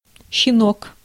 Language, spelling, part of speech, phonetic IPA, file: Russian, щенок, noun, [ɕːɪˈnok], Ru-щенок.ogg
- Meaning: 1. puppy 2. cub, whelp 3. snot; son of a bitch